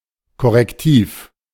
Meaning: corrective
- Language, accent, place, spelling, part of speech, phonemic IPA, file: German, Germany, Berlin, korrektiv, adjective, /kɔʁɛkˈtiːf/, De-korrektiv.ogg